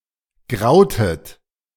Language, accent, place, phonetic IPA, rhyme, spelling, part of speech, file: German, Germany, Berlin, [ˈɡʁaʊ̯tət], -aʊ̯tət, grautet, verb, De-grautet.ogg
- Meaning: inflection of grauen: 1. second-person plural preterite 2. second-person plural subjunctive II